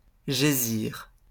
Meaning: 1. to lie (to be in a horizontal position), especially when dead or wounded 2. to be located 3. to be buried, hidden
- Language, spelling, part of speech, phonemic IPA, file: French, gésir, verb, /ʒe.ziʁ/, LL-Q150 (fra)-gésir.wav